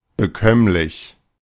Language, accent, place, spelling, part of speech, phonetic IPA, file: German, Germany, Berlin, bekömmlich, adjective, [bəˈkœmlɪç], De-bekömmlich.ogg
- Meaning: digestible, consumable without causing adverse bodily reactions